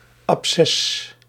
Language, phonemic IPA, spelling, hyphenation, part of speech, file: Dutch, /ɑpˈsɛs/, absces, ab‧sces, noun, Nl-absces.ogg
- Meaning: archaic spelling of abces